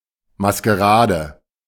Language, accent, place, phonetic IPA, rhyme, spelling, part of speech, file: German, Germany, Berlin, [maskəˈʁaːdə], -aːdə, Maskerade, noun, De-Maskerade.ogg
- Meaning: masquerade